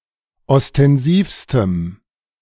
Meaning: strong dative masculine/neuter singular superlative degree of ostensiv
- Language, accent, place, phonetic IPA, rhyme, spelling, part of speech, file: German, Germany, Berlin, [ɔstɛnˈziːfstəm], -iːfstəm, ostensivstem, adjective, De-ostensivstem.ogg